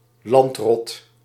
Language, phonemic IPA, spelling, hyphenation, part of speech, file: Dutch, /ˈlɑnt.rɔt/, landrot, land‧rot, noun, Nl-landrot.ogg
- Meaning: landlubber